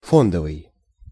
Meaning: 1. fund 2. stock
- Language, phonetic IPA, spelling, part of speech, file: Russian, [ˈfondəvɨj], фондовый, adjective, Ru-фондовый.ogg